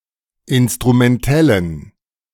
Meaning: inflection of instrumentell: 1. strong genitive masculine/neuter singular 2. weak/mixed genitive/dative all-gender singular 3. strong/weak/mixed accusative masculine singular 4. strong dative plural
- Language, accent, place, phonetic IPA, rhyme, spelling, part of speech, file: German, Germany, Berlin, [ˌɪnstʁumɛnˈtɛlən], -ɛlən, instrumentellen, adjective, De-instrumentellen.ogg